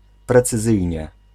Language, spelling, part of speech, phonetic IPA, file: Polish, precyzyjnie, adverb, [ˌprɛt͡sɨˈzɨjɲɛ], Pl-precyzyjnie.ogg